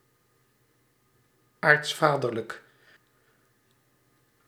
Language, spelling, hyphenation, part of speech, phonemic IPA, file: Dutch, aartsvaderlijk, aarts‧va‧der‧lijk, adjective, /ˈaːrtsˌfaː.dər.lək/, Nl-aartsvaderlijk.ogg
- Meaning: patriarchal, pertaining to the Biblical patriarchs